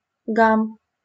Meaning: din, row, rumpus, hubbub, racket (loud noise, commotion)
- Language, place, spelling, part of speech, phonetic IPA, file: Russian, Saint Petersburg, гам, noun, [ɡam], LL-Q7737 (rus)-гам.wav